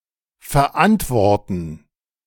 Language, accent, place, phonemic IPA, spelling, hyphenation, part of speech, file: German, Germany, Berlin, /fɛʁˈʔantvɔʁtən/, verantworten, ver‧ant‧wor‧ten, verb, De-verantworten.ogg
- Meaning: 1. to take responsibility (for) 2. to answer, reply to something